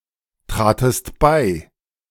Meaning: second-person singular preterite of beitreten
- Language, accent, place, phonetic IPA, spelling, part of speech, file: German, Germany, Berlin, [ˌtʁaːtəst ˈbaɪ̯], tratest bei, verb, De-tratest bei.ogg